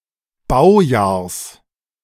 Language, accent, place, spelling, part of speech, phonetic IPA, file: German, Germany, Berlin, Baujahrs, noun, [ˈbaʊ̯ˌjaːɐ̯s], De-Baujahrs.ogg
- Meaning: genitive singular of Baujahr